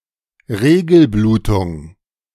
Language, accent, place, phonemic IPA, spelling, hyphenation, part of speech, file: German, Germany, Berlin, /ˈʁeːɡl̩ˌbluːtʊŋ/, Regelblutung, Re‧gel‧blu‧tung, noun, De-Regelblutung.ogg
- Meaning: period bleeding